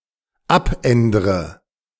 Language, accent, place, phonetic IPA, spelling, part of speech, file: German, Germany, Berlin, [ˈapˌʔɛndʁə], abändre, verb, De-abändre.ogg
- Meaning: inflection of abändern: 1. first-person singular dependent present 2. first/third-person singular dependent subjunctive I